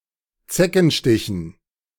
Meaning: dative plural of Zeckenstich
- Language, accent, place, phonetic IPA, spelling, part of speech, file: German, Germany, Berlin, [ˈt͡sɛkn̩ˌʃtɪçn̩], Zeckenstichen, noun, De-Zeckenstichen.ogg